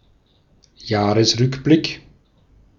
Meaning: year in review
- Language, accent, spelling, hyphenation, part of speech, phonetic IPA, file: German, Austria, Jahresrückblick, Jah‧res‧rück‧blick, noun, [ˈjaːʁəsˌʁʏkblɪk], De-at-Jahresrückblick.ogg